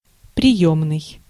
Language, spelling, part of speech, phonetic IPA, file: Russian, приёмный, adjective, [prʲɪˈjɵmnɨj], Ru-приёмный.ogg
- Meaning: 1. reception, waiting (of a room, etc.) 2. receiving, consulting 3. office (of hours) 4. entrance (of an examination) 5. foster (of a parent or child)